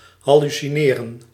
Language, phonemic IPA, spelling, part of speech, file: Dutch, /ˌɦɑ.ly.siˈneː.rə(n)/, hallucineren, verb, Nl-hallucineren.ogg
- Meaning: to hallucinate